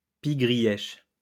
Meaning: shrike (bird)
- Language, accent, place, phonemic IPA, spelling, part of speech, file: French, France, Lyon, /pi.ɡʁi.jɛʃ/, pie-grièche, noun, LL-Q150 (fra)-pie-grièche.wav